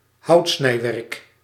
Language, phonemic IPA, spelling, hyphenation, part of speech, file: Dutch, /ˈɦɑu̯t.snɛi̯ˌʋɛrk/, houtsnijwerk, hout‧snij‧werk, noun, Nl-houtsnijwerk.ogg
- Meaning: 1. a wood carving or several wood carvings; something carved from wood 2. the art of wood carving